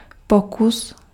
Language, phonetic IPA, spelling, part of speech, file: Czech, [ˈpokus], pokus, noun, Cs-pokus.ogg
- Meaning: 1. attempt, try 2. experiment